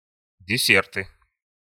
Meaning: nominative/accusative plural of десе́рт (desért)
- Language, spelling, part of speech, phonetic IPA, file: Russian, десерты, noun, [dʲɪˈsʲertɨ], Ru-десерты.ogg